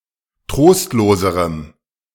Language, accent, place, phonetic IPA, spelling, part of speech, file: German, Germany, Berlin, [ˈtʁoːstloːzəʁəm], trostloserem, adjective, De-trostloserem.ogg
- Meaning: strong dative masculine/neuter singular comparative degree of trostlos